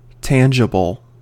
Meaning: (adjective) 1. Touchable; able to be touched or felt; perceptible by the sense of touch 2. Perceptible; able to be perceived 3. Able to be treated as fact; real or concrete
- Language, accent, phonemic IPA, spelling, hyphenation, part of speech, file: English, General American, /ˈtæn.d͡ʒə.bəl/, tangible, tan‧gi‧ble, adjective / noun, En-us-tangible.ogg